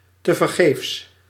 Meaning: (adverb) in vain; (adjective) in vain, pointless, futile
- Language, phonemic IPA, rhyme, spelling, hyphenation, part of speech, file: Dutch, /ˌtə.vərˈɣeːfs/, -eːfs, tevergeefs, te‧ver‧geefs, adverb / adjective, Nl-tevergeefs.ogg